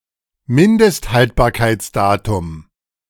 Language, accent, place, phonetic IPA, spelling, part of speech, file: German, Germany, Berlin, [ˈmɪndəstˌhaltbaːɐ̯kaɪ̯t͡sˌdaːtʊm], Mindesthaltbarkeitsdatum, noun, De-Mindesthaltbarkeitsdatum.ogg
- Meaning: 1. expiry date, best-before date 2. shelf life